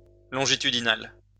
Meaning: 1. longitudinal (relating to length; running in the direction of the long axis of a body) 2. longitudinal (relating to longitude) 3. longitudinal (sampling data over time rather than merely once)
- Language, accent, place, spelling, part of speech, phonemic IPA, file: French, France, Lyon, longitudinal, adjective, /lɔ̃.ʒi.ty.di.nal/, LL-Q150 (fra)-longitudinal.wav